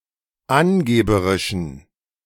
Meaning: inflection of angeberisch: 1. strong genitive masculine/neuter singular 2. weak/mixed genitive/dative all-gender singular 3. strong/weak/mixed accusative masculine singular 4. strong dative plural
- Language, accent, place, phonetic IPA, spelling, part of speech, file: German, Germany, Berlin, [ˈanˌɡeːbəʁɪʃn̩], angeberischen, adjective, De-angeberischen.ogg